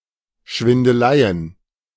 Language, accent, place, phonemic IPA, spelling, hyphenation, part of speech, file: German, Germany, Berlin, /ˈʃvɪndəˈlaɪ̯ən/, Schwindeleien, Schwin‧de‧lei‧en, noun, De-Schwindeleien.ogg
- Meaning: plural of Schwindelei